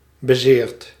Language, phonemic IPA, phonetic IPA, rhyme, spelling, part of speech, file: Dutch, /bə.ˈzeːrt/, [bə.ˈzɪːrt], -eːrt, bezeerd, verb, Nl-bezeerd.ogg
- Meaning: past participle of bezeren